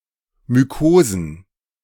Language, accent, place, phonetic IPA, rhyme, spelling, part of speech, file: German, Germany, Berlin, [myˈkoːzn̩], -oːzn̩, Mykosen, noun, De-Mykosen.ogg
- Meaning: plural of Mykose